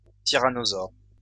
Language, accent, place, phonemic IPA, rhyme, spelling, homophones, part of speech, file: French, France, Lyon, /ti.ʁa.nɔ.zɔʁ/, -ɔʁ, tyrannosaure, tyrannosaures, noun, LL-Q150 (fra)-tyrannosaure.wav
- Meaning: tyrannosaur